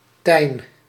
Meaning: 1. a diminutive of the male given name Constantijn 2. a surname
- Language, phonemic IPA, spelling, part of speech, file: Dutch, /tɛi̯n/, Tijn, proper noun, Nl-Tijn.ogg